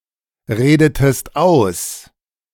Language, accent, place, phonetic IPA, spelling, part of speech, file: German, Germany, Berlin, [ˌʁeːdətəst ˈaʊ̯s], redetest aus, verb, De-redetest aus.ogg
- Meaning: inflection of ausreden: 1. second-person singular preterite 2. second-person singular subjunctive II